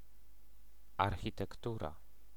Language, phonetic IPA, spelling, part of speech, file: Polish, [ˌarxʲitɛkˈtura], architektura, noun, Pl-architektura.ogg